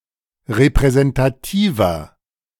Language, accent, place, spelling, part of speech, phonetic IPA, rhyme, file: German, Germany, Berlin, repräsentativer, adjective, [ʁepʁɛzɛntaˈtiːvɐ], -iːvɐ, De-repräsentativer.ogg
- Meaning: inflection of repräsentativ: 1. strong/mixed nominative masculine singular 2. strong genitive/dative feminine singular 3. strong genitive plural